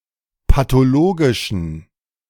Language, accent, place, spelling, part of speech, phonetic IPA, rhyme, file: German, Germany, Berlin, pathologischen, adjective, [patoˈloːɡɪʃn̩], -oːɡɪʃn̩, De-pathologischen.ogg
- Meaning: inflection of pathologisch: 1. strong genitive masculine/neuter singular 2. weak/mixed genitive/dative all-gender singular 3. strong/weak/mixed accusative masculine singular 4. strong dative plural